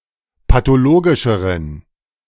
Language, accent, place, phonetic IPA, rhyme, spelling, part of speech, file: German, Germany, Berlin, [patoˈloːɡɪʃəʁən], -oːɡɪʃəʁən, pathologischeren, adjective, De-pathologischeren.ogg
- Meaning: inflection of pathologisch: 1. strong genitive masculine/neuter singular comparative degree 2. weak/mixed genitive/dative all-gender singular comparative degree